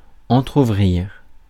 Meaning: to half-open; to leave ajar
- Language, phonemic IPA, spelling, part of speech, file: French, /ɑ̃.tʁu.vʁiʁ/, entrouvrir, verb, Fr-entrouvrir.ogg